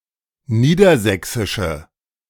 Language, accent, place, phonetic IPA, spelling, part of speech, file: German, Germany, Berlin, [ˈniːdɐˌzɛksɪʃə], niedersächsische, adjective, De-niedersächsische.ogg
- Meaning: inflection of niedersächsisch: 1. strong/mixed nominative/accusative feminine singular 2. strong nominative/accusative plural 3. weak nominative all-gender singular